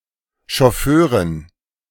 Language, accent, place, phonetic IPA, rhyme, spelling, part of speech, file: German, Germany, Berlin, [ʃɔˈføːʁən], -øːʁən, Chauffeuren, noun, De-Chauffeuren.ogg
- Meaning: dative plural of Chauffeur